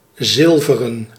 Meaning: silvern, silver; made of silver
- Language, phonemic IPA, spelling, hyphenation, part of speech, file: Dutch, /ˈzɪl.və.rə(n)/, zilveren, zil‧ve‧ren, adjective, Nl-zilveren.ogg